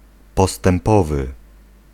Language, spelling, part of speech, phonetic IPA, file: Polish, postępowy, adjective, [ˌpɔstɛ̃mˈpɔvɨ], Pl-postępowy.ogg